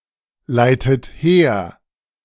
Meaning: inflection of herleiten: 1. second-person plural present 2. second-person plural subjunctive I 3. third-person singular present 4. plural imperative
- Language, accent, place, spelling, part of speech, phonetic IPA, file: German, Germany, Berlin, leitet her, verb, [ˌlaɪ̯tət ˈheːɐ̯], De-leitet her.ogg